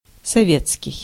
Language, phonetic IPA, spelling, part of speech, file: Russian, [sɐˈvʲet͡skʲɪj], советский, adjective, Ru-советский.ogg
- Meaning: Soviet